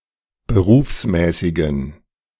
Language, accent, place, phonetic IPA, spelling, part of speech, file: German, Germany, Berlin, [bəˈʁuːfsˌmɛːsɪɡn̩], berufsmäßigen, adjective, De-berufsmäßigen.ogg
- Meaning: inflection of berufsmäßig: 1. strong genitive masculine/neuter singular 2. weak/mixed genitive/dative all-gender singular 3. strong/weak/mixed accusative masculine singular 4. strong dative plural